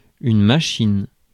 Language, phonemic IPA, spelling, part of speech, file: French, /ma.ʃin/, machine, noun, Fr-machine.ogg
- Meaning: 1. machine, device 2. machine (combination of persons acting together for a common purpose, with the agencies which they use) 3. engine 4. machine (a person who is very efficient) 5. car